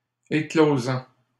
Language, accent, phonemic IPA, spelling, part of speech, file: French, Canada, /e.klo.zɑ̃/, éclosant, verb, LL-Q150 (fra)-éclosant.wav
- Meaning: present participle of éclore